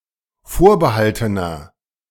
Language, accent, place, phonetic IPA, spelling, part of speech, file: German, Germany, Berlin, [ˈfoːɐ̯bəˌhaltənɐ], vorbehaltener, adjective, De-vorbehaltener.ogg
- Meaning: inflection of vorbehalten: 1. strong/mixed nominative masculine singular 2. strong genitive/dative feminine singular 3. strong genitive plural